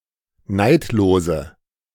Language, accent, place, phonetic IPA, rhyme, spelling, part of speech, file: German, Germany, Berlin, [ˈnaɪ̯tloːzə], -aɪ̯tloːzə, neidlose, adjective, De-neidlose.ogg
- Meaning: inflection of neidlos: 1. strong/mixed nominative/accusative feminine singular 2. strong nominative/accusative plural 3. weak nominative all-gender singular 4. weak accusative feminine/neuter singular